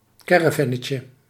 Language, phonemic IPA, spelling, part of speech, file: Dutch, /ˈkɛrəˌvɛnəcə/, caravannetje, noun, Nl-caravannetje.ogg
- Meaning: diminutive of caravan